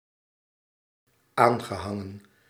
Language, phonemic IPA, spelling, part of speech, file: Dutch, /ˈaŋɣəˌhɑŋə(n)/, aangehangen, verb, Nl-aangehangen.ogg
- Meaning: past participle of aanhangen